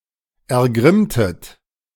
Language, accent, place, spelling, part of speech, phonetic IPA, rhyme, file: German, Germany, Berlin, ergrimmtet, verb, [ɛɐ̯ˈɡʁɪmtət], -ɪmtət, De-ergrimmtet.ogg
- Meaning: inflection of ergrimmen: 1. second-person plural preterite 2. second-person plural subjunctive II